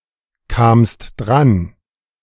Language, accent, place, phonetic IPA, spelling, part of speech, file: German, Germany, Berlin, [ˌkaːmst ˈdʁan], kamst dran, verb, De-kamst dran.ogg
- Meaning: second-person singular preterite of drankommen